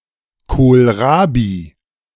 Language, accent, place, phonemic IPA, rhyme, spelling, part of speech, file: German, Germany, Berlin, /ˌkoːlˈʁaːbi/, -aːbi, Kohlrabi, noun, De-Kohlrabi.ogg
- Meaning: kohlrabi